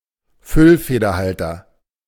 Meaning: fountain pen
- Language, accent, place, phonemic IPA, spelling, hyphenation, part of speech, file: German, Germany, Berlin, /ˈfʏlfeːdɐˌhaltɐ/, Füllfederhalter, Füll‧fe‧der‧hal‧ter, noun, De-Füllfederhalter.ogg